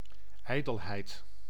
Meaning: vanity
- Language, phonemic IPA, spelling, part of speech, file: Dutch, /ˈɛidɛlˌhɛit/, ijdelheid, noun, Nl-ijdelheid.ogg